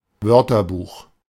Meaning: dictionary (reference work with a list of words from one or more languages, and their definitions or translations)
- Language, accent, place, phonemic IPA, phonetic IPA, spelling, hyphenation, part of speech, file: German, Germany, Berlin, /ˈvœʁtɐˌbuːx/, [ˈvœɐ̯tɐˌbuːx], Wörterbuch, Wör‧ter‧buch, noun, De-Wörterbuch.ogg